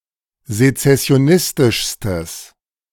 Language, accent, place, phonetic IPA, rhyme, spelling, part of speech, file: German, Germany, Berlin, [zet͡sɛsi̯oˈnɪstɪʃstəs], -ɪstɪʃstəs, sezessionistischstes, adjective, De-sezessionistischstes.ogg
- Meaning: strong/mixed nominative/accusative neuter singular superlative degree of sezessionistisch